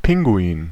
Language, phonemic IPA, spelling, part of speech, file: German, /ˈpɪŋˌɡu̯iːn/, Pinguin, noun, De-Pinguin.ogg
- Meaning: penguin (male or of unspecified gender)